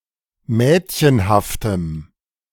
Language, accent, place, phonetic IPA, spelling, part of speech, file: German, Germany, Berlin, [ˈmɛːtçənhaftəm], mädchenhaftem, adjective, De-mädchenhaftem.ogg
- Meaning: strong dative masculine/neuter singular of mädchenhaft